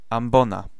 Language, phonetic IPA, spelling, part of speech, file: Polish, [ãmˈbɔ̃na], ambona, noun, Pl-ambona.ogg